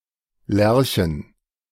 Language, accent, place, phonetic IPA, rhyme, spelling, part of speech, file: German, Germany, Berlin, [ˈlɛʁçn̩], -ɛʁçn̩, Lerchen, noun, De-Lerchen.ogg
- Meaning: plural of Lerche